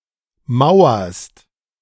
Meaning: second-person singular present of mauern
- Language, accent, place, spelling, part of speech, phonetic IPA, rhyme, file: German, Germany, Berlin, mauerst, verb, [ˈmaʊ̯ɐst], -aʊ̯ɐst, De-mauerst.ogg